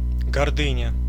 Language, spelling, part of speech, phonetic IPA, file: Russian, гордыня, noun, [ɡɐrˈdɨnʲə], Ru-гордыня.ogg
- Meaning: arrogance, pride (act or habit of arrogating, or making undue claims in an overbearing manner)